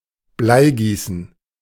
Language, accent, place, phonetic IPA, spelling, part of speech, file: German, Germany, Berlin, [ˈblaɪ̯ˌɡiːsn̩], Bleigießen, noun, De-Bleigießen.ogg
- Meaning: molybdomancy (lead pouring)